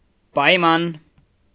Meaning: condition
- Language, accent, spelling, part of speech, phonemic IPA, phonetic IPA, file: Armenian, Eastern Armenian, պայման, noun, /pɑjˈmɑn/, [pɑjmɑ́n], Hy-պայման.ogg